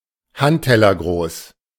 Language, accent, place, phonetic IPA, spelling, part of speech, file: German, Germany, Berlin, [ˈhanttɛlɐˌɡʁoːs], handtellergroß, adjective, De-handtellergroß.ogg
- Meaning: palm-size